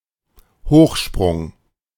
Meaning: high jump
- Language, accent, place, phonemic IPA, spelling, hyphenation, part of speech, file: German, Germany, Berlin, /ˈhoːχʃpʁʊŋ/, Hochsprung, Hoch‧sprung, noun, De-Hochsprung.ogg